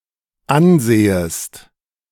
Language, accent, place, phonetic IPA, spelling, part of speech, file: German, Germany, Berlin, [ˈanˌzeːəst], ansehest, verb, De-ansehest.ogg
- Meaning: second-person singular dependent subjunctive I of ansehen